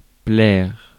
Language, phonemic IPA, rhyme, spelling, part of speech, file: French, /plɛʁ/, -ɛʁ, plaire, verb, Fr-plaire.ogg
- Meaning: 1. to please, to appeal to (usually translated into English as like with exchange of subject and object) 2. to enjoy (oneself)